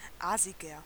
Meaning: 1. comparative degree of aasig 2. inflection of aasig: strong/mixed nominative masculine singular 3. inflection of aasig: strong genitive/dative feminine singular
- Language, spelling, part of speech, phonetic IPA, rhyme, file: German, aasiger, adjective, [ˈaːzɪɡɐ], -aːzɪɡɐ, De-aasiger.ogg